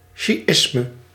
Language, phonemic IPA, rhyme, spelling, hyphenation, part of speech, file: Dutch, /ˌʃiˈɪs.mə/, -ɪsmə, sjiisme, sji‧is‧me, noun, Nl-sjiisme.ogg
- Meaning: Shi'a Islam, Shi'ism